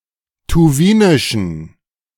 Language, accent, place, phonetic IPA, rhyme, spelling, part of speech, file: German, Germany, Berlin, [tuˈviːnɪʃn̩], -iːnɪʃn̩, tuwinischen, adjective, De-tuwinischen.ogg
- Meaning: inflection of tuwinisch: 1. strong genitive masculine/neuter singular 2. weak/mixed genitive/dative all-gender singular 3. strong/weak/mixed accusative masculine singular 4. strong dative plural